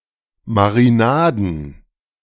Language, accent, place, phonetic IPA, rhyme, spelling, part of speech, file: German, Germany, Berlin, [maʁiˈnaːdn̩], -aːdn̩, Marinaden, noun, De-Marinaden.ogg
- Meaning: plural of Marinade